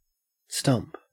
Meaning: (noun) 1. The remains of something that has been cut off; especially the remains of a tree, the remains of a limb 2. The place or occasion at which a campaign takes place; the husting
- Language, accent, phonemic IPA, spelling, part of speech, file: English, Australia, /stɐmp/, stump, noun / verb, En-au-stump.ogg